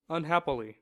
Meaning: 1. Unfortunately; regrettably 2. Through evil fate or chance; wretchedly 3. Without happiness; sadly
- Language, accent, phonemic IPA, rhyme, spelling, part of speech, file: English, US, /ʌnˈhæpɪli/, -æpɪli, unhappily, adverb, En-us-unhappily.ogg